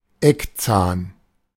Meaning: a canine (tooth)
- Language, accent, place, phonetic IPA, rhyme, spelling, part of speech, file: German, Germany, Berlin, [ˈɛkˌt͡saːn], -ɛkt͡saːn, Eckzahn, noun, De-Eckzahn.ogg